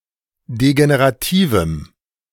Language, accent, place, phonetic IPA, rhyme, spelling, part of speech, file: German, Germany, Berlin, [deɡeneʁaˈtiːvm̩], -iːvm̩, degenerativem, adjective, De-degenerativem.ogg
- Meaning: strong dative masculine/neuter singular of degenerativ